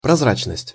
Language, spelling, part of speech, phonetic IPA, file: Russian, прозрачность, noun, [prɐzˈrat͡ɕnəsʲtʲ], Ru-прозрачность.ogg
- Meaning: transparence, transparency, limpidity, pellucidity